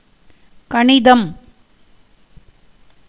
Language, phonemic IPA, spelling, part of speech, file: Tamil, /kɐɳɪd̪ɐm/, கணிதம், noun, Ta-கணிதம்.ogg
- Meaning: 1. mathematics 2. astrology